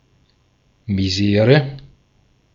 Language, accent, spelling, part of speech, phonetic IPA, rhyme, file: German, Austria, Misere, noun, [miˈzeːʁə], -eːʁə, De-at-Misere.ogg
- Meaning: misery